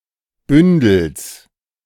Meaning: genitive singular of Bündel
- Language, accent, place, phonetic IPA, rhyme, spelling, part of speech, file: German, Germany, Berlin, [ˈbʏndl̩s], -ʏndl̩s, Bündels, noun, De-Bündels.ogg